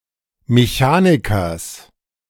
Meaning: genitive singular of Mechaniker
- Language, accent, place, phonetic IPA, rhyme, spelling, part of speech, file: German, Germany, Berlin, [meˈçaːnɪkɐs], -aːnɪkɐs, Mechanikers, noun, De-Mechanikers.ogg